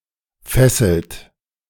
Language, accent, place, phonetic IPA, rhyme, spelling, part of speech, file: German, Germany, Berlin, [ˈfɛsl̩t], -ɛsl̩t, fesselt, verb, De-fesselt.ogg
- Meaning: inflection of fesseln: 1. third-person singular present 2. second-person plural present 3. plural imperative